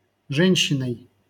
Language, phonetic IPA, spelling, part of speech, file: Russian, [ˈʐɛnʲɕːɪnəj], женщиной, noun, LL-Q7737 (rus)-женщиной.wav
- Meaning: instrumental singular of же́нщина (žénščina)